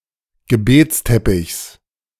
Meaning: genitive singular of Gebetsteppich
- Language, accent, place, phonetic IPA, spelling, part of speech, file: German, Germany, Berlin, [ɡəˈbeːt͡sˌtɛpɪçs], Gebetsteppichs, noun, De-Gebetsteppichs.ogg